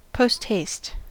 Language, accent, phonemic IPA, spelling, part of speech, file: English, US, /ˌpoʊstˈheɪst/, posthaste, adverb / noun, En-us-posthaste.ogg
- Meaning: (adverb) Quickly, as fast as someone travelling post; with great speed; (noun) Alternative spelling of post-haste